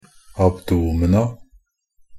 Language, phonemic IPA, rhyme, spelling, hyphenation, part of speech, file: Norwegian Bokmål, /abˈduːməna/, -əna, abdomena, ab‧do‧me‧na, noun, NB - Pronunciation of Norwegian Bokmål «abdomena».ogg
- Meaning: definite plural of abdomen